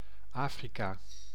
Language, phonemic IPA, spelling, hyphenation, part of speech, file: Dutch, /ˈaː.fri.kaː/, Afrika, Afri‧ka, proper noun, Nl-Afrika.ogg
- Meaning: Africa (the continent south of Europe and between the Atlantic and Indian Oceans)